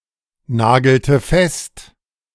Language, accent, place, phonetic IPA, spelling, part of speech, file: German, Germany, Berlin, [ˌnaːɡl̩tə ˈfɛst], nagelte fest, verb, De-nagelte fest.ogg
- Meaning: inflection of festnageln: 1. first/third-person singular preterite 2. first/third-person singular subjunctive II